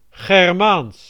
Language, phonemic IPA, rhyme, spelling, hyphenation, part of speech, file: Dutch, /ɣɛrˈmaːns/, -aːns, Germaans, Ger‧maans, adjective / proper noun, Nl-Germaans.ogg
- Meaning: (adjective) Germanic; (proper noun) the Germanic or Proto-Germanic language